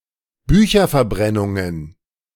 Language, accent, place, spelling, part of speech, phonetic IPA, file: German, Germany, Berlin, Bücherverbrennungen, noun, [ˈbyːçɐfɛɐ̯ˌbʁɛnʊŋən], De-Bücherverbrennungen.ogg
- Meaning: plural of Bücherverbrennung